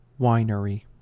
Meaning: 1. A place where wine is made 2. A company that makes wine
- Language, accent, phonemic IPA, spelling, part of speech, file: English, US, /ˈwaɪnəɹi/, winery, noun, En-us-winery.ogg